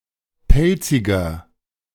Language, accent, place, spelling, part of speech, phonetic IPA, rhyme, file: German, Germany, Berlin, pelziger, adjective, [ˈpɛlt͡sɪɡɐ], -ɛlt͡sɪɡɐ, De-pelziger.ogg
- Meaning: 1. comparative degree of pelzig 2. inflection of pelzig: strong/mixed nominative masculine singular 3. inflection of pelzig: strong genitive/dative feminine singular